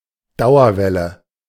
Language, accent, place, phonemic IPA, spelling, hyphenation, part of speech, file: German, Germany, Berlin, /ˈdaʊ̯ɐvɛlə/, Dauerwelle, Dau‧er‧wel‧le, noun, De-Dauerwelle.ogg
- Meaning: perm